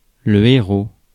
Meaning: hero
- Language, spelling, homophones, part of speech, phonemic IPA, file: French, héros, Héraud / Hérault / héraut, noun, /e.ʁo/, Fr-héros.ogg